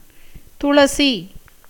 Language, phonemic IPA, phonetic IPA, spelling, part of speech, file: Tamil, /t̪ʊɭɐtʃiː/, [t̪ʊɭɐsiː], துளசி, noun / proper noun, Ta-துளசி.ogg
- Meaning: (noun) holy basil (Ocimum tenuiflorum, an aromatic plant cultivated for religious, medicinal, and culinary purposes and for its essential oil); tulsi; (proper noun) a female given name from Tamil